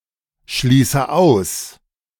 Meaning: inflection of ausschließen: 1. first-person singular present 2. first/third-person singular subjunctive I 3. singular imperative
- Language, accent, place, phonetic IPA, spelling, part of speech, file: German, Germany, Berlin, [ˌʃliːsə ˈaʊ̯s], schließe aus, verb, De-schließe aus.ogg